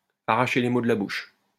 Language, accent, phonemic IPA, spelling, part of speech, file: French, France, /a.ʁa.ʃe le mo d(ə) la buʃ/, arracher les mots de la bouche, verb, LL-Q150 (fra)-arracher les mots de la bouche.wav
- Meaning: 1. to take the words out of someone's mouth (to say what someone was about to say themselves) 2. to worm something out of, to drag something out of